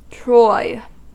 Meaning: Of, or relating to, troy weight
- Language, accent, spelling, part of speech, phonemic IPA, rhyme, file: English, US, troy, adjective, /tɹɔɪ/, -ɔɪ, En-us-troy.ogg